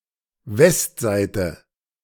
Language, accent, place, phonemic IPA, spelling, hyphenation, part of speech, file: German, Germany, Berlin, /ˈvɛstˌzaɪ̯tə/, Westseite, West‧seite, noun, De-Westseite.ogg
- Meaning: west side